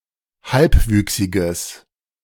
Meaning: strong/mixed nominative/accusative neuter singular of halbwüchsig
- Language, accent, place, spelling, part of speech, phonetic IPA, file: German, Germany, Berlin, halbwüchsiges, adjective, [ˈhalpˌvyːksɪɡəs], De-halbwüchsiges.ogg